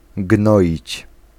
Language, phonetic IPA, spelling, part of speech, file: Polish, [ˈɡnɔʲit͡ɕ], gnoić, verb, Pl-gnoić.ogg